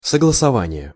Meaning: concordance (agreement)
- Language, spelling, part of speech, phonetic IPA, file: Russian, согласование, noun, [səɡɫəsɐˈvanʲɪje], Ru-согласование.ogg